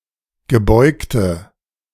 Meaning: inflection of gebeugt: 1. strong/mixed nominative/accusative feminine singular 2. strong nominative/accusative plural 3. weak nominative all-gender singular 4. weak accusative feminine/neuter singular
- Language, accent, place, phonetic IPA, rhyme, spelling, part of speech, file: German, Germany, Berlin, [ɡəˈbɔɪ̯ktə], -ɔɪ̯ktə, gebeugte, adjective, De-gebeugte.ogg